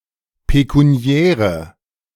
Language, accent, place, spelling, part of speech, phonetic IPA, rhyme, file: German, Germany, Berlin, pekuniäre, adjective, [pekuˈni̯ɛːʁə], -ɛːʁə, De-pekuniäre.ogg
- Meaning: inflection of pekuniär: 1. strong/mixed nominative/accusative feminine singular 2. strong nominative/accusative plural 3. weak nominative all-gender singular